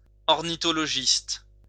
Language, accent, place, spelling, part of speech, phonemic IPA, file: French, France, Lyon, ornithologiste, noun, /ɔʁ.ni.tɔ.lɔ.ʒist/, LL-Q150 (fra)-ornithologiste.wav
- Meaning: ornithologist